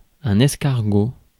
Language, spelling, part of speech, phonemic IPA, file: French, escargot, noun, /ɛs.kaʁ.ɡo/, Fr-escargot.ogg
- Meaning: 1. snail 2. slowpoke, slowcoach